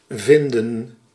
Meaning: 1. to find (after searching) 2. to find, to come across 3. to find, to think, to feel, to be of opinion
- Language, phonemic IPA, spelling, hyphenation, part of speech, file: Dutch, /ˈvɪndə(n)/, vinden, vin‧den, verb, Nl-vinden.ogg